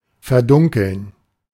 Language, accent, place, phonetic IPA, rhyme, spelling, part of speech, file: German, Germany, Berlin, [fɛɐ̯ˈdʊŋkl̩n], -ʊŋkl̩n, verdunkeln, verb, De-verdunkeln.ogg
- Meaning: 1. to darken, to dim, to shade 2. to obscure, to conceal